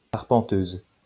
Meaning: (adjective) feminine singular of arpenteur; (noun) 1. female equivalent of arpenteur 2. measuring worm
- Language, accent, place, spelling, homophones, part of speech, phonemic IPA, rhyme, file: French, France, Lyon, arpenteuse, arpenteuses, adjective / noun, /aʁ.pɑ̃.tøz/, -øz, LL-Q150 (fra)-arpenteuse.wav